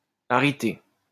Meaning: arity (number of arguments)
- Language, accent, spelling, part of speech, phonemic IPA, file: French, France, arité, noun, /a.ʁi.te/, LL-Q150 (fra)-arité.wav